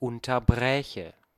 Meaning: first/third-person singular subjunctive II of unterbrechen
- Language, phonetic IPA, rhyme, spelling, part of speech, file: German, [ˌʊntɐˈbʁɛːçə], -ɛːçə, unterbräche, verb, De-unterbräche.ogg